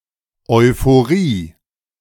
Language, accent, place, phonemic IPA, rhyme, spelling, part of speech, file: German, Germany, Berlin, /ɔɪ̯foˈʁiː/, -iː, Euphorie, noun, De-Euphorie.ogg
- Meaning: euphoria (an excited state of joy)